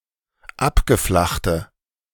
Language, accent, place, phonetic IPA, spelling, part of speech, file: German, Germany, Berlin, [ˈapɡəˌflaxtə], abgeflachte, adjective, De-abgeflachte.ogg
- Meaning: inflection of abgeflacht: 1. strong/mixed nominative/accusative feminine singular 2. strong nominative/accusative plural 3. weak nominative all-gender singular